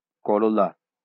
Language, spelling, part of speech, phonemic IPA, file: Bengali, করলা, noun, /kɔɾola/, LL-Q9610 (ben)-করলা.wav
- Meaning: balsam pear, bitter gourd (Momordica charantia)